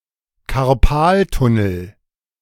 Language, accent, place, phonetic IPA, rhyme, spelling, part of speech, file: German, Germany, Berlin, [kaʁˈpaːltʊnl̩], -aːltʊnl̩, Karpaltunnel, noun, De-Karpaltunnel.ogg
- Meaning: carpal tunnel